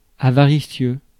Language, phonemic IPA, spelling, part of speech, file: French, /a.va.ʁi.sjø/, avaricieux, adjective, Fr-avaricieux.ogg
- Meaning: avaricious; miserly; stingy